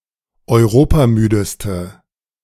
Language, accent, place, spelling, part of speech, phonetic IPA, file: German, Germany, Berlin, europamüdeste, adjective, [ɔɪ̯ˈʁoːpaˌmyːdəstə], De-europamüdeste.ogg
- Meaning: inflection of europamüde: 1. strong/mixed nominative/accusative feminine singular superlative degree 2. strong nominative/accusative plural superlative degree